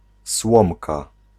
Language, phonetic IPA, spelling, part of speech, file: Polish, [ˈswɔ̃mka], słomka, noun, Pl-słomka.ogg